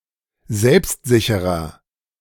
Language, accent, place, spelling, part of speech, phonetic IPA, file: German, Germany, Berlin, selbstsicherer, adjective, [ˈzɛlpstˌzɪçəʁɐ], De-selbstsicherer.ogg
- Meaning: inflection of selbstsicher: 1. strong/mixed nominative masculine singular 2. strong genitive/dative feminine singular 3. strong genitive plural